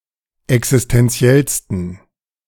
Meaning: 1. superlative degree of existenziell 2. inflection of existenziell: strong genitive masculine/neuter singular superlative degree
- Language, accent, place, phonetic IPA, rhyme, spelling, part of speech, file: German, Germany, Berlin, [ɛksɪstɛnˈt͡si̯ɛlstn̩], -ɛlstn̩, existenziellsten, adjective, De-existenziellsten.ogg